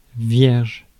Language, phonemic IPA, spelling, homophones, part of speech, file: French, /vjɛʁʒ/, vierge, vierges, noun / adjective, Fr-vierge.ogg
- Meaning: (noun) virgin; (adjective) blank (of paper, recording/storage media, etc.)